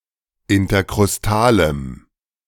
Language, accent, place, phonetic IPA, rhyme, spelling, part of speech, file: German, Germany, Berlin, [ɪntɐkʁʊsˈtaːləm], -aːləm, interkrustalem, adjective, De-interkrustalem.ogg
- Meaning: strong dative masculine/neuter singular of interkrustal